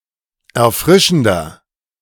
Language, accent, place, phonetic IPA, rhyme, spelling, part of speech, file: German, Germany, Berlin, [ɛɐ̯ˈfʁɪʃn̩dɐ], -ɪʃn̩dɐ, erfrischender, adjective, De-erfrischender.ogg
- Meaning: 1. comparative degree of erfrischend 2. inflection of erfrischend: strong/mixed nominative masculine singular 3. inflection of erfrischend: strong genitive/dative feminine singular